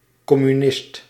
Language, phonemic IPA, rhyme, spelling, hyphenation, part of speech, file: Dutch, /ˌkɔ.myˈnɪst/, -ɪst, communist, com‧mu‧nist, noun, Nl-communist.ogg
- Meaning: communist